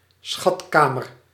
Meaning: treasury chamber, treasury vault
- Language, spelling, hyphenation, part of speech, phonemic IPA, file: Dutch, schatkamer, schat‧ka‧mer, noun, /ˈsxɑtˌkaː.mər/, Nl-schatkamer.ogg